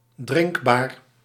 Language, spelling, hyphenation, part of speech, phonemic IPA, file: Dutch, drinkbaar, drink‧baar, adjective, /ˈdrɪŋk.baːr/, Nl-drinkbaar.ogg
- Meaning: drinkable, potable